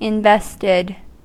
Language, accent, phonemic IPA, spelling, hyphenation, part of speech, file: English, US, /ɪnˈvɛstɪd/, invested, in‧vest‧ed, verb / adjective, En-us-invested.ogg
- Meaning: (verb) simple past and past participle of invest; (adjective) Involved, having a personal interest